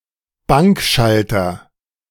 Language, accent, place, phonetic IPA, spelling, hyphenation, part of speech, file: German, Germany, Berlin, [ˈbaŋkˌʃaltɐ], Bankschalter, Bank‧schal‧ter, noun, De-Bankschalter.ogg
- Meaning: bank counter